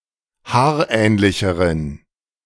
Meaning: inflection of haarähnlich: 1. strong genitive masculine/neuter singular comparative degree 2. weak/mixed genitive/dative all-gender singular comparative degree
- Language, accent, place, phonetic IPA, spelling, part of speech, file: German, Germany, Berlin, [ˈhaːɐ̯ˌʔɛːnlɪçəʁən], haarähnlicheren, adjective, De-haarähnlicheren.ogg